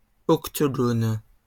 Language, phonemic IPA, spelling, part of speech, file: French, /ɔk.to.ɡon/, octogone, noun, LL-Q150 (fra)-octogone.wav
- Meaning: octagon